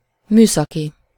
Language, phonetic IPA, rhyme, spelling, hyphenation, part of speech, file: Hungarian, [ˈmyːsɒki], -ki, műszaki, mű‧sza‧ki, adjective / noun, Hu-műszaki.ogg
- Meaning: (adjective) 1. technical (of or related to technology) 2. technical (technically-minded, adept with science and technology); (noun) MOT